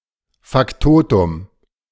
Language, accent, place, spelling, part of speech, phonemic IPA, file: German, Germany, Berlin, Faktotum, noun, /fakˈtoːtʊm/, De-Faktotum.ogg
- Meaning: factotum